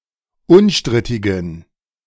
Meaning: inflection of unstrittig: 1. strong genitive masculine/neuter singular 2. weak/mixed genitive/dative all-gender singular 3. strong/weak/mixed accusative masculine singular 4. strong dative plural
- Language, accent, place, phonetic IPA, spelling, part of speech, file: German, Germany, Berlin, [ˈʊnˌʃtʁɪtɪɡn̩], unstrittigen, adjective, De-unstrittigen.ogg